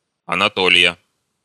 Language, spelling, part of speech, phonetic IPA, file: Russian, Анатолия, proper noun, [ɐnɐˈtolʲɪjə], Ru-Анатолия.ogg
- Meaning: 1. a female given name, Anatolia 2. Anatolia (a region of Turkey in Western Asia) 3. genitive/accusative singular of Анатолий (Anatolij)